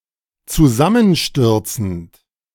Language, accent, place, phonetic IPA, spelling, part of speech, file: German, Germany, Berlin, [t͡suˈzamənˌʃtʏʁt͡sn̩t], zusammenstürzend, verb, De-zusammenstürzend.ogg
- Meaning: present participle of zusammenstürzen